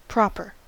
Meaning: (adjective) Suitable.: 1. Suited or acceptable to the purpose or circumstances; fit, suitable 2. Following the established standards of behavior or manners; correct or decorous
- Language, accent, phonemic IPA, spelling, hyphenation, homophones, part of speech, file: English, US, /ˈpɹɑpɚ/, proper, prop‧er, propper, adjective / adverb / noun, En-us-proper.ogg